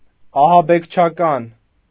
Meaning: terroristic, (attributive) terrorist
- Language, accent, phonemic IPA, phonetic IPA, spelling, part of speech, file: Armenian, Eastern Armenian, /ɑhɑbekt͡ʃʰɑˈkɑn/, [ɑhɑbekt͡ʃʰɑkɑ́n], ահաբեկչական, adjective, Hy-ահաբեկչական.ogg